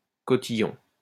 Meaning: 1. petticoat 2. cotillion, cotillon 3. party novelties (e.g. paper hats, streamers etc.)
- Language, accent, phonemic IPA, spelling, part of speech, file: French, France, /kɔ.ti.jɔ̃/, cotillon, noun, LL-Q150 (fra)-cotillon.wav